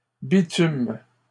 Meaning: third-person plural present indicative/subjunctive of bitumer
- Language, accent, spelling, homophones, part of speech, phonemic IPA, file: French, Canada, bitument, bitume / bitumes, verb, /bi.tym/, LL-Q150 (fra)-bitument.wav